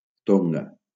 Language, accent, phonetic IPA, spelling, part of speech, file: Catalan, Valencia, [ˈtoŋ.ɡa], Tonga, proper noun, LL-Q7026 (cat)-Tonga.wav
- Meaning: Tonga (a country and archipelago of Polynesia in Oceania)